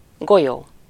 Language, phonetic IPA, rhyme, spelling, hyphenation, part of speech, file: Hungarian, [ˈɡojoː], -joː, golyó, go‧lyó, noun, Hu-golyó.ogg
- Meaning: 1. ball (solid or hollow sphere) 2. marble (small solid ball used in games) 3. bullet (projectile) 4. testicle